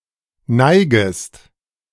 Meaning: second-person singular subjunctive I of neigen
- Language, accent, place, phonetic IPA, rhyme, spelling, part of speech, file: German, Germany, Berlin, [ˈnaɪ̯ɡəst], -aɪ̯ɡəst, neigest, verb, De-neigest.ogg